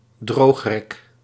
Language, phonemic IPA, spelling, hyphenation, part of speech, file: Dutch, /ˈdroːx.rɛk/, droogrek, droog‧rek, noun, Nl-droogrek.ogg
- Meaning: a drying rack (rack for drying laundry)